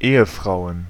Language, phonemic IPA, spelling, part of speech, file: German, /ˈeːəˌfʁaʊ̯ən/, Ehefrauen, noun, De-Ehefrauen.ogg
- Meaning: plural of Ehefrau